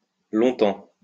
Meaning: obsolete spelling of longtemps
- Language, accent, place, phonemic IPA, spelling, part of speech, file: French, France, Lyon, /lɔ̃.tɑ̃/, long-temps, adverb, LL-Q150 (fra)-long-temps.wav